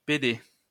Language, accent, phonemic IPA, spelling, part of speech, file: French, France, /pe.de/, pédé, noun / adjective, LL-Q150 (fra)-pédé.wav
- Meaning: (noun) 1. fag, poof, queer (male homosexual) 2. groomer; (adjective) synonym of pédalé (“pedate”)